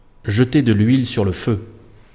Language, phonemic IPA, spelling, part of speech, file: French, /ʒə.te də l‿ɥil syʁ lə fø/, jeter de l'huile sur le feu, verb, Fr-jeter de l'huile sur le feu.ogg
- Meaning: add fuel to the fire